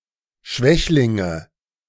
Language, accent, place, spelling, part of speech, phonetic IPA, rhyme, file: German, Germany, Berlin, Schwächlinge, noun, [ˈʃvɛçlɪŋə], -ɛçlɪŋə, De-Schwächlinge.ogg
- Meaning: nominative/accusative/genitive plural of Schwächling